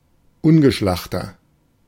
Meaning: 1. comparative degree of ungeschlacht 2. inflection of ungeschlacht: strong/mixed nominative masculine singular 3. inflection of ungeschlacht: strong genitive/dative feminine singular
- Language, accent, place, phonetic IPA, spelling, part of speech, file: German, Germany, Berlin, [ˈʊnɡəˌʃlaxtɐ], ungeschlachter, adjective, De-ungeschlachter.ogg